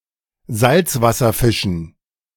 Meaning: dative plural of Salzwasserfisch
- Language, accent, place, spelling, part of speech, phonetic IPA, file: German, Germany, Berlin, Salzwasserfischen, noun, [ˈzalt͡svasɐˌfɪʃn̩], De-Salzwasserfischen.ogg